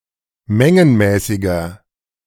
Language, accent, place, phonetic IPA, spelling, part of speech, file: German, Germany, Berlin, [ˈmɛŋənmɛːsɪɡɐ], mengenmäßiger, adjective, De-mengenmäßiger.ogg
- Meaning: inflection of mengenmäßig: 1. strong/mixed nominative masculine singular 2. strong genitive/dative feminine singular 3. strong genitive plural